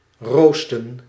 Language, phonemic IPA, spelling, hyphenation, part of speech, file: Dutch, /ˈroːstə(n)/, roosten, roos‧ten, verb, Nl-roosten.ogg
- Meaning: to roast (sulfidic ores)